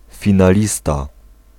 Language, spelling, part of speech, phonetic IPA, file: Polish, finalista, noun, [ˌfʲĩnaˈlʲista], Pl-finalista.ogg